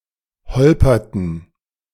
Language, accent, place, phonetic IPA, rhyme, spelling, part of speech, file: German, Germany, Berlin, [ˈhɔlpɐtn̩], -ɔlpɐtn̩, holperten, verb, De-holperten.ogg
- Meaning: inflection of holpern: 1. first/third-person plural preterite 2. first/third-person plural subjunctive II